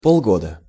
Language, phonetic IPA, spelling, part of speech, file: Russian, [ˌpoɫˈɡodə], полгода, noun, Ru-полгода.ogg
- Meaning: half-year (period of half a year)